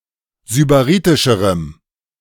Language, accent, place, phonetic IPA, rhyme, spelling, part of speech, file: German, Germany, Berlin, [zybaˈʁiːtɪʃəʁəm], -iːtɪʃəʁəm, sybaritischerem, adjective, De-sybaritischerem.ogg
- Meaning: strong dative masculine/neuter singular comparative degree of sybaritisch